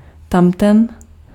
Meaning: that; that one
- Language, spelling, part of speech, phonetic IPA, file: Czech, tamten, pronoun, [ˈtamtɛn], Cs-tamten.ogg